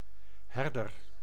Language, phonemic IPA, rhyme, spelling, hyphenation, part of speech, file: Dutch, /ˈɦɛrdər/, -ɛrdər, herder, her‧der, noun, Nl-herder.ogg
- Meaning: 1. a herdsman, herd, herder of a flock of animals 2. a pastoral (clerical) guide 3. a sheepdog